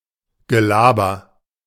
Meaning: chit-chat, blather (shallow talk of little reliability)
- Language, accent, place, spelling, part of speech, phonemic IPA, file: German, Germany, Berlin, Gelaber, noun, /ɡəˈlaːbɐ/, De-Gelaber.ogg